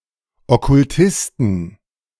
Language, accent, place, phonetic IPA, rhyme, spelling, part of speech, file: German, Germany, Berlin, [ˌɔkʊlˈtɪstn̩], -ɪstn̩, Okkultisten, noun, De-Okkultisten.ogg
- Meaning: plural of Okkultist